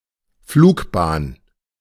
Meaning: trajectory, flight path
- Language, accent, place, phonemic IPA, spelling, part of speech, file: German, Germany, Berlin, /ˈfluːkˌbaːn/, Flugbahn, noun, De-Flugbahn.ogg